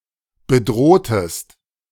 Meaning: inflection of bedrohen: 1. second-person singular preterite 2. second-person singular subjunctive II
- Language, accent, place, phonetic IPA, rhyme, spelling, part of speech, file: German, Germany, Berlin, [bəˈdʁoːtəst], -oːtəst, bedrohtest, verb, De-bedrohtest.ogg